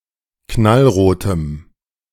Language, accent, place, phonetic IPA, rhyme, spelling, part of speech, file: German, Germany, Berlin, [ˌknalˈʁoːtəm], -oːtəm, knallrotem, adjective, De-knallrotem.ogg
- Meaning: strong dative masculine/neuter singular of knallrot